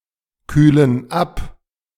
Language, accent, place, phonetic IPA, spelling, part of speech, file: German, Germany, Berlin, [ˌkyːlən ˈap], kühlen ab, verb, De-kühlen ab.ogg
- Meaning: inflection of abkühlen: 1. first/third-person plural present 2. first/third-person plural subjunctive I